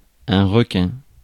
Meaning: 1. shark 2. a person profiting from others by treachery
- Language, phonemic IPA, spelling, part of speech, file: French, /ʁə.kɛ̃/, requin, noun, Fr-requin.ogg